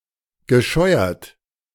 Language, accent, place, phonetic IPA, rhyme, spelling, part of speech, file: German, Germany, Berlin, [ɡəˈʃɔɪ̯ɐt], -ɔɪ̯ɐt, gescheuert, verb, De-gescheuert.ogg
- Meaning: past participle of scheuern